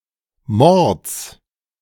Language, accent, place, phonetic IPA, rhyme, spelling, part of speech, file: German, Germany, Berlin, [mɔʁt͡s], -ɔʁt͡s, Mords, noun, De-Mords.ogg
- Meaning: genitive singular of Mord